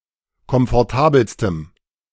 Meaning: strong dative masculine/neuter singular superlative degree of komfortabel
- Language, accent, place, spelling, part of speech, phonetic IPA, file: German, Germany, Berlin, komfortabelstem, adjective, [kɔmfɔʁˈtaːbl̩stəm], De-komfortabelstem.ogg